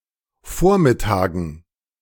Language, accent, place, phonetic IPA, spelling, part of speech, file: German, Germany, Berlin, [ˈfoːɐ̯mɪˌtaːɡn̩], Vormittagen, noun, De-Vormittagen.ogg
- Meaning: dative plural of Vormittag